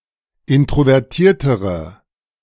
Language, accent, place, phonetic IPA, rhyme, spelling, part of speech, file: German, Germany, Berlin, [ˌɪntʁovɛʁˈtiːɐ̯təʁə], -iːɐ̯təʁə, introvertiertere, adjective, De-introvertiertere.ogg
- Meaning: inflection of introvertiert: 1. strong/mixed nominative/accusative feminine singular comparative degree 2. strong nominative/accusative plural comparative degree